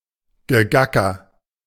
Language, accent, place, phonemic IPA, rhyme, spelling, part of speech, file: German, Germany, Berlin, /ɡəˈɡakɐ/, -akɐ, Gegacker, noun, De-Gegacker.ogg
- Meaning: cackle, cluck